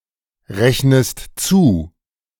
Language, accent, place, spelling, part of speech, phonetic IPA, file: German, Germany, Berlin, rechnest zu, verb, [ˌʁɛçnəst ˈt͡suː], De-rechnest zu.ogg
- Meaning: inflection of zurechnen: 1. second-person singular present 2. second-person singular subjunctive I